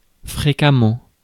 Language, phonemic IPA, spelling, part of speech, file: French, /fʁe.ka.mɑ̃/, fréquemment, adverb, Fr-fréquemment.ogg
- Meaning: often, frequently